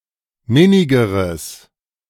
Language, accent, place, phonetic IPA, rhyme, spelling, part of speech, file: German, Germany, Berlin, [ˈmɪnɪɡəʁəs], -ɪnɪɡəʁəs, minnigeres, adjective, De-minnigeres.ogg
- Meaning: strong/mixed nominative/accusative neuter singular comparative degree of minnig